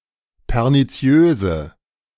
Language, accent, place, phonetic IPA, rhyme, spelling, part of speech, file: German, Germany, Berlin, [pɛʁniˈt͡si̯øːzə], -øːzə, perniziöse, adjective, De-perniziöse.ogg
- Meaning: inflection of perniziös: 1. strong/mixed nominative/accusative feminine singular 2. strong nominative/accusative plural 3. weak nominative all-gender singular